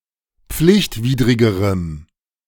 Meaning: strong dative masculine/neuter singular comparative degree of pflichtwidrig
- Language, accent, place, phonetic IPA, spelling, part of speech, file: German, Germany, Berlin, [ˈp͡flɪçtˌviːdʁɪɡəʁəm], pflichtwidrigerem, adjective, De-pflichtwidrigerem.ogg